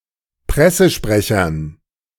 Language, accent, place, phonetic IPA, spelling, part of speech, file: German, Germany, Berlin, [ˈpʁɛsəʃpʁɛçɐn], Pressesprechern, noun, De-Pressesprechern.ogg
- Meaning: dative plural of Pressesprecher